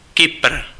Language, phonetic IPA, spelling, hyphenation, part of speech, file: Czech, [ˈkɪpr̩], Kypr, Ky‧pr, proper noun, Cs-Kypr.ogg
- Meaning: Cyprus (an island and country in the Mediterranean Sea, normally considered politically part of Europe but geographically part of West Asia)